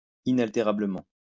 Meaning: inalterably
- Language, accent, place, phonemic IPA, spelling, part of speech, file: French, France, Lyon, /i.nal.te.ʁa.blə.mɑ̃/, inaltérablement, adverb, LL-Q150 (fra)-inaltérablement.wav